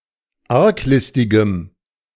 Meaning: strong dative masculine/neuter singular of arglistig
- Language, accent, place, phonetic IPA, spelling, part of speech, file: German, Germany, Berlin, [ˈaʁkˌlɪstɪɡəm], arglistigem, adjective, De-arglistigem.ogg